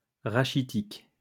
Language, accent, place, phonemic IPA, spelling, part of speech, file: French, France, Lyon, /ʁa.ʃi.tik/, rachitique, adjective, LL-Q150 (fra)-rachitique.wav
- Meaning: 1. rachitic 2. rickety